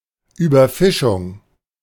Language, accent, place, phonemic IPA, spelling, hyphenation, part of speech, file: German, Germany, Berlin, /ˌyːbɐˈfɪʃʊŋ/, Überfischung, Über‧fi‧schung, noun, De-Überfischung.ogg
- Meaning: overfishing